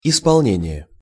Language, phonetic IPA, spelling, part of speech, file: Russian, [ɪspɐɫˈnʲenʲɪje], исполнение, noun, Ru-исполнение.ogg
- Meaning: 1. execution, fulfilment 2. performance